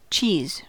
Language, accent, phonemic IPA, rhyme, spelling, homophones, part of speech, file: English, US, /t͡ʃiz/, -iːz, cheese, qis / chis, noun / verb / interjection, En-us-cheese.ogg
- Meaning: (noun) 1. A dairy product made from curdled or cultured milk 2. Any particular variety of cheese 3. A piece of cheese, especially one moulded into a large round shape during manufacture